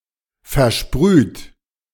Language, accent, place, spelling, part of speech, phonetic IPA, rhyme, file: German, Germany, Berlin, versprüht, verb, [ˌfɛɐ̯ˈʃpʁyːt], -yːt, De-versprüht.ogg
- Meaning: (verb) past participle of versprühen; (adjective) sprayed, atomized; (verb) inflection of versprühen: 1. third-person singular present 2. second-person plural present 3. plural imperative